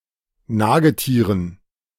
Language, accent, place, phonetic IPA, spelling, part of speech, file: German, Germany, Berlin, [ˈnaːɡəˌtiːʁən], Nagetieren, noun, De-Nagetieren.ogg
- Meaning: dative plural of Nagetier